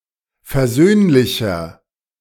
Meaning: 1. comparative degree of versöhnlich 2. inflection of versöhnlich: strong/mixed nominative masculine singular 3. inflection of versöhnlich: strong genitive/dative feminine singular
- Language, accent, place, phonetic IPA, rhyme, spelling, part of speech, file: German, Germany, Berlin, [fɛɐ̯ˈzøːnlɪçɐ], -øːnlɪçɐ, versöhnlicher, adjective, De-versöhnlicher.ogg